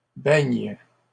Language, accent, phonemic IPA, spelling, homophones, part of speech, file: French, Canada, /bɛɲ/, beignes, beigne / beignent, noun / verb, LL-Q150 (fra)-beignes.wav
- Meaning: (noun) plural of beigne; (verb) second-person singular present indicative/subjunctive of beigner